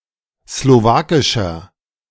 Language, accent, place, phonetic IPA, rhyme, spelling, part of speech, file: German, Germany, Berlin, [sloˈvaːkɪʃɐ], -aːkɪʃɐ, slowakischer, adjective, De-slowakischer.ogg
- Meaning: inflection of slowakisch: 1. strong/mixed nominative masculine singular 2. strong genitive/dative feminine singular 3. strong genitive plural